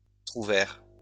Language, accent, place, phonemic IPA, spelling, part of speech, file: French, France, Lyon, /tʁu.vɛʁ/, trouvère, noun, LL-Q150 (fra)-trouvère.wav